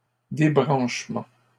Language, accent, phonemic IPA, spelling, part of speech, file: French, Canada, /de.bʁɑ̃ʃ.mɑ̃/, débranchement, noun, LL-Q150 (fra)-débranchement.wav
- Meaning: 1. unplugging 2. turning off, switching off